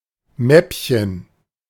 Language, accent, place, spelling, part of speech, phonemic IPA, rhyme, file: German, Germany, Berlin, Mäppchen, noun, /ˈmɛpçən/, -ɛpçən, De-Mäppchen.ogg
- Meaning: 1. diminutive of Mappe 2. ellipsis of Federmäppchen: pencil case